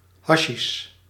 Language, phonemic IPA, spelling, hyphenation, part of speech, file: Dutch, /ˈɦɑ.ʃiʃ/, hasjiesj, ha‧sjiesj, noun, Nl-hasjiesj.ogg
- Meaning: hashish, hash